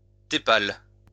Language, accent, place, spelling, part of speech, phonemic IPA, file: French, France, Lyon, tépale, noun, /te.pal/, LL-Q150 (fra)-tépale.wav
- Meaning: tepal